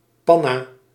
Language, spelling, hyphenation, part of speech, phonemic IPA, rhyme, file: Dutch, panna, pan‧na, noun, /ˈpɑ.naː/, -ɑnaː, Nl-panna.ogg
- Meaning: a nutmeg, a tunnel (act of passing a ball between an opponent's legs while retaining control)